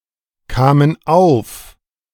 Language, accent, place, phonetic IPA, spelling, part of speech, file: German, Germany, Berlin, [ˌkaːmən ˈaʊ̯f], kamen auf, verb, De-kamen auf.ogg
- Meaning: first/third-person plural preterite of aufkommen